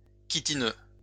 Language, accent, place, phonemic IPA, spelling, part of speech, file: French, France, Lyon, /ki.ti.nø/, chitineux, adjective, LL-Q150 (fra)-chitineux.wav
- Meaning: chitinous